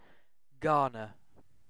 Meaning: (noun) 1. A granary; a store of grain 2. An accumulation, supply, store, or hoard of something; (verb) To reap grain, gather it up, and store it in a granary
- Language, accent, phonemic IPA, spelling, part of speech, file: English, UK, /ˈɡɑː.nə/, garner, noun / verb, En-uk-garner.ogg